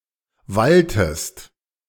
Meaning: inflection of wallen: 1. second-person singular preterite 2. second-person singular subjunctive II
- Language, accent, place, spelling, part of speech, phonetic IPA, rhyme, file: German, Germany, Berlin, walltest, verb, [ˈvaltəst], -altəst, De-walltest.ogg